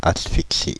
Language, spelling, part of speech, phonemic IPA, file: French, asphyxie, noun, /as.fik.si/, Fr-asphyxie.ogg
- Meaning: asphyxia, asphyxiation